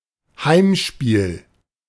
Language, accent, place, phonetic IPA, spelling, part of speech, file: German, Germany, Berlin, [ˈhaɪ̯mˌʃpiːl], Heimspiel, noun, De-Heimspiel.ogg
- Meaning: home game